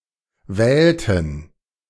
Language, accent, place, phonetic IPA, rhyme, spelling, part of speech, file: German, Germany, Berlin, [ˈvɛːltn̩], -ɛːltn̩, wählten, verb, De-wählten.ogg
- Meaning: inflection of wählen: 1. first/third-person plural preterite 2. first/third-person plural subjunctive II